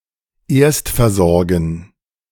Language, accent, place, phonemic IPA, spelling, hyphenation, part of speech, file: German, Germany, Berlin, /ˈeːɐ̯stfɛɐ̯ˌzɔʁɡn̩/, erstversorgen, erst‧ver‧sor‧gen, verb, De-erstversorgen.ogg
- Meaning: 1. to render first-aid, 2. to give initial treatment